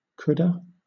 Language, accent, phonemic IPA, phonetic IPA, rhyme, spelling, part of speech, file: English, Southern England, /ˈkʊdə/, [ˈkʰʊd.ə], -ʊdə, coulda, verb, LL-Q1860 (eng)-coulda.wav
- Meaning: Contraction of could + have